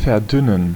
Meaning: to thin down, to dilute (a liquid or gas)
- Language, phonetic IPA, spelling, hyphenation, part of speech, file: German, [fɛɐ̯ˈdʏnən], verdünnen, ver‧dün‧nen, verb, De-verdünnen.ogg